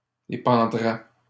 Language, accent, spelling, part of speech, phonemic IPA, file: French, Canada, épandrais, verb, /e.pɑ̃.dʁɛ/, LL-Q150 (fra)-épandrais.wav
- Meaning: first/second-person singular conditional of épandre